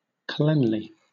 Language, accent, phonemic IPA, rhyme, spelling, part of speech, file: English, Southern England, /ˈklɛnli/, -ɛnli, cleanly, adjective, LL-Q1860 (eng)-cleanly.wav
- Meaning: 1. Being habitually clean, practising good hygiene 2. Cleansing; fitted to remove moisture; dirt, etc 3. Adroit; dexterous; artful